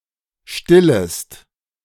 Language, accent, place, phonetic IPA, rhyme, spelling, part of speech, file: German, Germany, Berlin, [ˈʃtɪləst], -ɪləst, stillest, verb, De-stillest.ogg
- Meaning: second-person singular subjunctive I of stillen